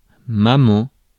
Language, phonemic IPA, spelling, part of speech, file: French, /ma.mɑ̃/, maman, noun, Fr-maman.ogg
- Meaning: mummy, mommy, mom, mum